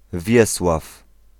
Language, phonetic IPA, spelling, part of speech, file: Polish, [ˈvʲjɛswaf], Wiesław, proper noun / noun, Pl-Wiesław.ogg